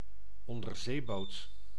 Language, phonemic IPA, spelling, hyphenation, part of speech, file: Dutch, /ɔn.dərˈzeːˌboːt/, onderzeeboot, on‧der‧zee‧boot, noun, Nl-onderzeeboot.ogg
- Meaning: 1. submarine 2. submarine that can remain submerged for long periods